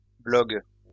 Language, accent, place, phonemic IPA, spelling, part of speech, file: French, France, Lyon, /blɔɡ/, blogs, noun, LL-Q150 (fra)-blogs.wav
- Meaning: plural of blog